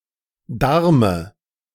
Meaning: dative singular of Darm
- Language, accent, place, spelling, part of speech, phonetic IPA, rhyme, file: German, Germany, Berlin, Darme, noun, [ˈdaʁmə], -aʁmə, De-Darme.ogg